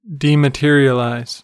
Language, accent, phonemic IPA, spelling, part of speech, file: English, US, /ˌdi.məˈtɪɹ.i.ə.laɪz/, dematerialize, verb, En-us-dematerialize.ogg
- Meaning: 1. To disappear by becoming immaterial 2. To cause something to disappear by making it immaterial 3. To remove the physical materials from (a process, etc.)